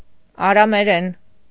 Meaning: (noun) Aramaic (language); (adverb) in Aramaic; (adjective) Aramaic (of or pertaining to the language)
- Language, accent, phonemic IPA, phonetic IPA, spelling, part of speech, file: Armenian, Eastern Armenian, /ɑɾɑmeˈɾen/, [ɑɾɑmeɾén], արամերեն, noun / adverb / adjective, Hy-արամերեն.ogg